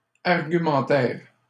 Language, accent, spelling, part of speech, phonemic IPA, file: French, Canada, argumentaire, noun, /aʁ.ɡy.mɑ̃.tɛʁ/, LL-Q150 (fra)-argumentaire.wav
- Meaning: sales pitch (set of arguments meant to convince a buyer)